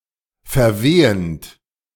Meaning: present participle of verwehen
- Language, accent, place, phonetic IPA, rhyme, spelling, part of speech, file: German, Germany, Berlin, [fɛɐ̯ˈveːənt], -eːənt, verwehend, verb, De-verwehend.ogg